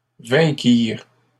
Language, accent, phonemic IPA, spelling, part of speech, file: French, Canada, /vɛ̃.kiʁ/, vainquirent, verb, LL-Q150 (fra)-vainquirent.wav
- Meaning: third-person plural past historic of vaincre